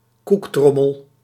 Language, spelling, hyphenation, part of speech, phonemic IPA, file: Dutch, koektrommel, koek‧trom‧mel, noun, /ˈkukˌtrɔ.məl/, Nl-koektrommel.ogg
- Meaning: biscuit tin